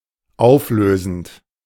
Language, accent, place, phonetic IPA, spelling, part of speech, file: German, Germany, Berlin, [ˈaʊ̯fˌløːzn̩t], auflösend, verb, De-auflösend.ogg
- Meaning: present participle of auflösen